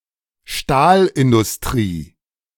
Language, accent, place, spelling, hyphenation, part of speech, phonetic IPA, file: German, Germany, Berlin, Stahlindustrie, Stahl‧in‧dus‧t‧rie, noun, [ˈʃtaːlʔɪndʊsˌtʁiː], De-Stahlindustrie.ogg
- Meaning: steel industry